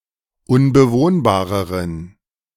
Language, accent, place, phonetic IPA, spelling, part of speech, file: German, Germany, Berlin, [ʊnbəˈvoːnbaːʁəʁən], unbewohnbareren, adjective, De-unbewohnbareren.ogg
- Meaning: inflection of unbewohnbar: 1. strong genitive masculine/neuter singular comparative degree 2. weak/mixed genitive/dative all-gender singular comparative degree